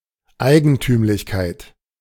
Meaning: peculiarity
- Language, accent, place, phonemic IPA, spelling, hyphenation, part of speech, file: German, Germany, Berlin, /ˈaɪɡn̩tyːmlɪçkaɪ̯t/, Eigentümlichkeit, Ei‧gen‧tüm‧lich‧keit, noun, De-Eigentümlichkeit.ogg